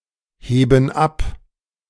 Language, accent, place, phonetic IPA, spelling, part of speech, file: German, Germany, Berlin, [ˌheːbn̩ ˈap], heben ab, verb, De-heben ab.ogg
- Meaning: inflection of abheben: 1. first/third-person plural present 2. first/third-person plural subjunctive I